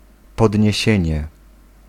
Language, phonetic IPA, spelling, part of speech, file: Polish, [ˌpɔdʲɲɛ̇ˈɕɛ̇̃ɲɛ], podniesienie, noun, Pl-podniesienie.ogg